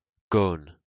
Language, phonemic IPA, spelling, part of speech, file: French, /ɡon/, gone, noun, LL-Q150 (fra)-gone.wav
- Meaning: kid (child)